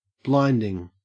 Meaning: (verb) present participle and gerund of blind; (adjective) 1. Very bright (as if to cause blindness) 2. Making blind or as if blind; depriving of sight or of understanding 3. Brilliant; marvellous
- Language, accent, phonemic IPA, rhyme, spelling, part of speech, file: English, Australia, /ˈblaɪndɪŋ/, -aɪndɪŋ, blinding, verb / adjective / adverb / noun, En-au-blinding.ogg